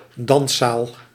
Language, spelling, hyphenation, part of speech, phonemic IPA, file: Dutch, danszaal, dans‧zaal, noun, /ˈdɑn.saːl/, Nl-danszaal.ogg
- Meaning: 1. dancehall 2. dancing room